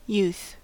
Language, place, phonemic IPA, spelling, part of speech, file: English, California, /juθ/, youth, noun, En-us-youth.ogg
- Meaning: The quality or state of being young